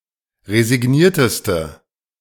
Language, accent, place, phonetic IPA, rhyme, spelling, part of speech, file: German, Germany, Berlin, [ʁezɪˈɡniːɐ̯təstə], -iːɐ̯təstə, resignierteste, adjective, De-resignierteste.ogg
- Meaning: inflection of resigniert: 1. strong/mixed nominative/accusative feminine singular superlative degree 2. strong nominative/accusative plural superlative degree